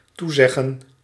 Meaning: to promise, commit
- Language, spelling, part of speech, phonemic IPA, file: Dutch, toezeggen, verb, /ˈtuzɛɣə(n)/, Nl-toezeggen.ogg